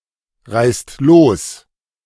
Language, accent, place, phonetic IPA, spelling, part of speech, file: German, Germany, Berlin, [ˌʁaɪ̯st ˈloːs], reißt los, verb, De-reißt los.ogg
- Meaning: inflection of losreißen: 1. second-person plural present 2. plural imperative